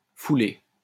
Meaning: 1. to stamp, to impress, to dent; to mill 2. to walk on, to tread, to trample 3. to oppress, to mistreat 4. to injure by knocking, bumping or dinting 5. to sprain 6. to wear oneself out, to overdo it
- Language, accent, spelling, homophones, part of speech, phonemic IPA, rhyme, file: French, France, fouler, foulai / foulé / foulée / foulées / foulés / foulez, verb, /fu.le/, -e, LL-Q150 (fra)-fouler.wav